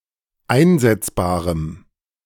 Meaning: strong dative masculine/neuter singular of einsetzbar
- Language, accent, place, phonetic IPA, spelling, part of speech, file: German, Germany, Berlin, [ˈaɪ̯nzɛt͡sbaːʁəm], einsetzbarem, adjective, De-einsetzbarem.ogg